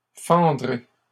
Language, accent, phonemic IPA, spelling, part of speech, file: French, Canada, /fɑ̃.dʁe/, fendrez, verb, LL-Q150 (fra)-fendrez.wav
- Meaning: second-person plural future of fendre